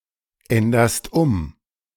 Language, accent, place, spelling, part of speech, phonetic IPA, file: German, Germany, Berlin, änderst um, verb, [ˌɛndɐst ˈʊm], De-änderst um.ogg
- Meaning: second-person singular present of umändern